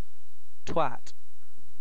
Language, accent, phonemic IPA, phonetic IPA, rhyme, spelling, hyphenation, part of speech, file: English, UK, /twæt/, [tʰw̥æt], -æt, twat, twat, noun / verb, En-uk-twat.ogg
- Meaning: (noun) 1. The vagina or vulva 2. A contemptible and stupid person; an idiot; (verb) To hit, slap